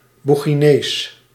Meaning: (adjective) Buginese; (proper noun) Buginese, the Buginese language
- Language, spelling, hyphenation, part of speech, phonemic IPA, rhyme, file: Dutch, Boeginees, Boe‧gi‧nees, adjective / proper noun, /ˌbu.ɣiˈneːs/, -eːs, Nl-Boeginees.ogg